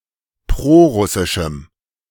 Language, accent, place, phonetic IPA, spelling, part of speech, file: German, Germany, Berlin, [ˈpʁoːˌʁʊsɪʃm̩], prorussischem, adjective, De-prorussischem.ogg
- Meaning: strong dative masculine/neuter singular of prorussisch